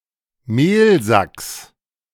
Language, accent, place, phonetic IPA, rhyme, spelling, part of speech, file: German, Germany, Berlin, [ˈmeːlˌzaks], -eːlzaks, Mehlsacks, noun, De-Mehlsacks.ogg
- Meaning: genitive of Mehlsack